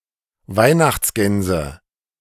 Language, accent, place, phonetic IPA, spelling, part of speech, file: German, Germany, Berlin, [ˈvaɪ̯naxt͡sˌɡɛnzə], Weihnachtsgänse, noun, De-Weihnachtsgänse.ogg
- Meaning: nominative/accusative/genitive plural of Weihnachtsgans